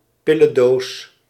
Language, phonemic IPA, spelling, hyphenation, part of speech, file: Dutch, /ˈpɪ.lə(n)ˌdoːs/, pillendoos, pil‧len‧doos, noun, Nl-pillendoos.ogg
- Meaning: 1. a pillbox (box for pills) 2. a pillbox (bunker)